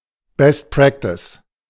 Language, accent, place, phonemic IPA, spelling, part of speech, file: German, Germany, Berlin, /ˈbɛst ˈpʁɛktɪs/, Best Practice, noun, De-Best Practice.ogg
- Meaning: best practice